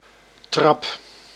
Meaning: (noun) 1. stairs, staircase 2. ladder 3. degree, grade 4. kick (act of kicking) 5. bustard (bird of the order Otidiformes); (verb) inflection of trappen: first-person singular present indicative
- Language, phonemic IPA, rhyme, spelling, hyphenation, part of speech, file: Dutch, /trɑp/, -ɑp, trap, trap, noun / verb, Nl-trap.ogg